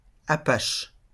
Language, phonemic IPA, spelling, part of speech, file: French, /a.paʃ/, apache, noun, LL-Q150 (fra)-apache.wav
- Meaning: 1. Apache (language) 2. Apache (gangster)